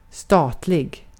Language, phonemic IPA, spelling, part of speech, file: Swedish, /stɑːtlɪɡ/, statlig, adjective, Sv-statlig.ogg
- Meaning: owned by or pertaining to the state